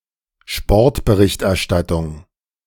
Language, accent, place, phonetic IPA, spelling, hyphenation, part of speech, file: German, Germany, Berlin, [ˈʃpɔʁtbəˌʁɪçtʔɛɐ̯ˌʃtatʊŋ], Sportberichterstattung, Sport‧be‧richt‧er‧stat‧tung, noun, De-Sportberichterstattung.ogg
- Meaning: sports journalism